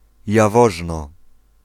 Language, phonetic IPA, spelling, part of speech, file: Polish, [jaˈvɔʒnɔ], Jaworzno, proper noun, Pl-Jaworzno.ogg